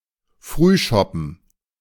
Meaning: morning draught, morning pint
- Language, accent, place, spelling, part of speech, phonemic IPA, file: German, Germany, Berlin, Frühschoppen, noun, /ˈfʁyːˌʃɔpən/, De-Frühschoppen.ogg